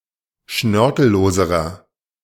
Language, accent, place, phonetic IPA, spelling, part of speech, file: German, Germany, Berlin, [ˈʃnœʁkl̩ˌloːzəʁɐ], schnörkelloserer, adjective, De-schnörkelloserer.ogg
- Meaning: inflection of schnörkellos: 1. strong/mixed nominative masculine singular comparative degree 2. strong genitive/dative feminine singular comparative degree 3. strong genitive plural comparative degree